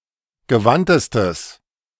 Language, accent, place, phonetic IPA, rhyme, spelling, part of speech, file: German, Germany, Berlin, [ɡəˈvantəstəs], -antəstəs, gewandtestes, adjective, De-gewandtestes.ogg
- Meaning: strong/mixed nominative/accusative neuter singular superlative degree of gewandt